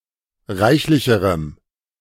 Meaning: strong dative masculine/neuter singular comparative degree of reichlich
- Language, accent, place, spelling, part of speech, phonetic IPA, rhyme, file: German, Germany, Berlin, reichlicherem, adjective, [ˈʁaɪ̯çlɪçəʁəm], -aɪ̯çlɪçəʁəm, De-reichlicherem.ogg